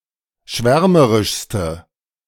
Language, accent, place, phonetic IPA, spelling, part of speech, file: German, Germany, Berlin, [ˈʃvɛʁməʁɪʃstə], schwärmerischste, adjective, De-schwärmerischste.ogg
- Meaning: inflection of schwärmerisch: 1. strong/mixed nominative/accusative feminine singular superlative degree 2. strong nominative/accusative plural superlative degree